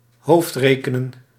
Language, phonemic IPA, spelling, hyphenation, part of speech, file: Dutch, /ˈɦoːftˌreːkənə(n)/, hoofdrekenen, hoofd‧re‧ke‧nen, verb, Nl-hoofdrekenen.ogg
- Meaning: to do mental arithmetic